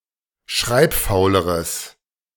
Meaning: strong/mixed nominative/accusative neuter singular comparative degree of schreibfaul
- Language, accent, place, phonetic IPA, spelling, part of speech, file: German, Germany, Berlin, [ˈʃʁaɪ̯pˌfaʊ̯ləʁəs], schreibfauleres, adjective, De-schreibfauleres.ogg